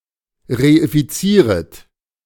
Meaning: second-person plural subjunctive I of reifizieren
- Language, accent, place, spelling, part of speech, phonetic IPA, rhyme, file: German, Germany, Berlin, reifizieret, verb, [ʁeifiˈt͡siːʁət], -iːʁət, De-reifizieret.ogg